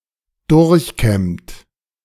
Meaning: 1. past participle of durchkämmen 2. inflection of durchkämmen: third-person singular present 3. inflection of durchkämmen: second-person plural present 4. inflection of durchkämmen: plural imperative
- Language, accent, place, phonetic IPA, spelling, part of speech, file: German, Germany, Berlin, [ˈdʊʁçˌkɛmt], durchkämmt, verb, De-durchkämmt.ogg